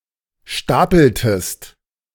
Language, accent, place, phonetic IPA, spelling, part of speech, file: German, Germany, Berlin, [ˈʃtaːpl̩təst], stapeltest, verb, De-stapeltest.ogg
- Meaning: inflection of stapeln: 1. second-person singular preterite 2. second-person singular subjunctive II